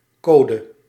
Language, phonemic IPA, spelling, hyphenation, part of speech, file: Dutch, /ˈkoː.də/, code, co‧de, noun, Nl-code.ogg
- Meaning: 1. book or body of laws, code of laws, lawbook 2. system of rules and principles, e.g. of conduct 3. code (set of symbols) 4. code (text written in a programming language)